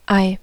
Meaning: 1. egg (all biological senses) 2. something egg-shaped 3. testicle, ball 4. balls, guts, courage 5. bucks (money) 6. clown; foolish bloke
- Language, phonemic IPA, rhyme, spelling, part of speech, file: German, /aɪ̯/, -aɪ̯, Ei, noun, De-Ei.ogg